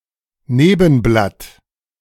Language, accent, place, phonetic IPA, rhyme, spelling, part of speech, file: German, Germany, Berlin, [ˈneːbn̩blat], -eːbn̩blat, Nebenblatt, noun, De-Nebenblatt.ogg
- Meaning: stipule